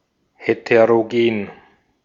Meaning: heterogeneous
- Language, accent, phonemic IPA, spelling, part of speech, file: German, Austria, /hetəroˈɡeːn/, heterogen, adjective, De-at-heterogen.ogg